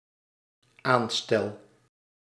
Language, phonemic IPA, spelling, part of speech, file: Dutch, /ˈanstɛl/, aanstel, verb, Nl-aanstel.ogg
- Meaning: first-person singular dependent-clause present indicative of aanstellen